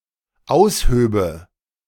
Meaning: first/third-person singular dependent subjunctive II of ausheben
- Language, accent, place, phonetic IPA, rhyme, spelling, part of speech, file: German, Germany, Berlin, [ˈaʊ̯sˌhøːbə], -aʊ̯shøːbə, aushöbe, verb, De-aushöbe.ogg